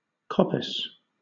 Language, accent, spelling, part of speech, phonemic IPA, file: English, Southern England, coppice, noun / verb, /ˈkɒpɪs/, LL-Q1860 (eng)-coppice.wav
- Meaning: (noun) A grove of small growth; a thicket of brushwood; a wood cut at certain times for fuel or other purposes, typically managed to promote growth and ensure a reliable supply of timber. See copse